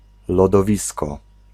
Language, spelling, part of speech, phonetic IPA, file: Polish, lodowisko, noun, [ˌlɔdɔˈvʲiskɔ], Pl-lodowisko.ogg